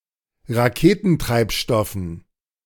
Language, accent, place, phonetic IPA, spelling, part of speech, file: German, Germany, Berlin, [ʁaˈkeːtn̩ˌtʁaɪ̯pʃtɔfn̩], Raketentreibstoffen, noun, De-Raketentreibstoffen.ogg
- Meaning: dative plural of Raketentreibstoff